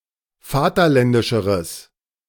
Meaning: strong/mixed nominative/accusative neuter singular comparative degree of vaterländisch
- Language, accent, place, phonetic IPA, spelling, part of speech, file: German, Germany, Berlin, [ˈfaːtɐˌlɛndɪʃəʁəs], vaterländischeres, adjective, De-vaterländischeres.ogg